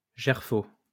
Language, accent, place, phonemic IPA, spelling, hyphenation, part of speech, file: French, France, Lyon, /ʒɛʁ.fo/, gerfaut, ger‧faut, noun, LL-Q150 (fra)-gerfaut.wav
- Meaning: gyrfalcon